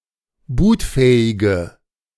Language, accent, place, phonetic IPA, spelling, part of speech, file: German, Germany, Berlin, [ˈbuːtˌfɛːɪɡə], bootfähige, adjective, De-bootfähige.ogg
- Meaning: inflection of bootfähig: 1. strong/mixed nominative/accusative feminine singular 2. strong nominative/accusative plural 3. weak nominative all-gender singular